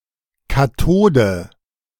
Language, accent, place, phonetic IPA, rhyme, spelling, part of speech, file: German, Germany, Berlin, [kaˈtoːdə], -oːdə, Katode, noun, De-Katode.ogg
- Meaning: Formerly standard spelling of Kathode which was deprecated in 2024